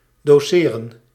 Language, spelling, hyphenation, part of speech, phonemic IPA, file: Dutch, doceren, do‧ce‧ren, verb, /doːˈseːrə(n)/, Nl-doceren.ogg
- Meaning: to teach, to instruct